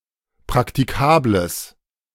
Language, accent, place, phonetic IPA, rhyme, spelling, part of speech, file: German, Germany, Berlin, [pʁaktiˈkaːbləs], -aːbləs, praktikables, adjective, De-praktikables.ogg
- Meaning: strong/mixed nominative/accusative neuter singular of praktikabel